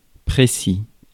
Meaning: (adjective) 1. which does not leave doubt; specific, explicit 2. done in a precise and reliable fashion 3. well perceived; sharp 4. demonstrating precision, concision and accuracy
- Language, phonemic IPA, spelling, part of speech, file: French, /pʁe.si/, précis, adjective / noun, Fr-précis.ogg